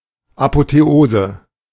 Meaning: apotheosis
- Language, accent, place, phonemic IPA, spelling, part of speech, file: German, Germany, Berlin, /apoteˈoːzə/, Apotheose, noun, De-Apotheose.ogg